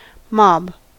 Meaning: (noun) 1. A large or disorderly group of people; especially one bent on riotous or destructive action 2. The lower classes of a community; the rabble 3. A group of animals of any kind
- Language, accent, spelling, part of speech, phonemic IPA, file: English, US, mob, noun / verb, /mɑb/, En-us-mob.ogg